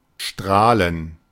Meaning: 1. to shine, to beam 2. to radiate 3. to smile in a big way
- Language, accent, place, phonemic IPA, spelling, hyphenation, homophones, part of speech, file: German, Germany, Berlin, /ˈʃtraːlən/, strahlen, strah‧len, Strahlen / Straelen, verb, De-strahlen.ogg